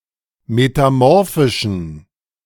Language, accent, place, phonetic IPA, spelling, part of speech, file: German, Germany, Berlin, [metaˈmɔʁfɪʃn̩], metamorphischen, adjective, De-metamorphischen.ogg
- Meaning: inflection of metamorphisch: 1. strong genitive masculine/neuter singular 2. weak/mixed genitive/dative all-gender singular 3. strong/weak/mixed accusative masculine singular 4. strong dative plural